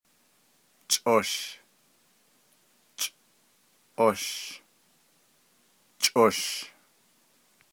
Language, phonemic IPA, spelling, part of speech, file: Navajo, /t͡ʃʼòʃ/, chʼosh, noun, Nv-chʼosh.ogg
- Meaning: insect, bug, maggot, worm